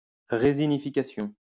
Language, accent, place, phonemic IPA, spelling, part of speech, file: French, France, Lyon, /ʁe.zi.ni.fi.ka.sjɔ̃/, résinification, noun, LL-Q150 (fra)-résinification.wav
- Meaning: resinification